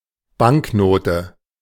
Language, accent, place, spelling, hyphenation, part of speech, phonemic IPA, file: German, Germany, Berlin, Banknote, Bank‧no‧te, noun, /ˈbaŋkˌnoːtə/, De-Banknote.ogg
- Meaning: banknote (paper currency)